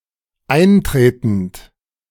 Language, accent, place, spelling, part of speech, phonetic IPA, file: German, Germany, Berlin, eintretend, verb, [ˈaɪ̯nˌtʁeːtn̩t], De-eintretend.ogg
- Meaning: present participle of eintreten